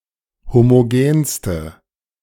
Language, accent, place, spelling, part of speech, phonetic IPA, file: German, Germany, Berlin, homogenste, adjective, [ˌhomoˈɡeːnstə], De-homogenste.ogg
- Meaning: inflection of homogen: 1. strong/mixed nominative/accusative feminine singular superlative degree 2. strong nominative/accusative plural superlative degree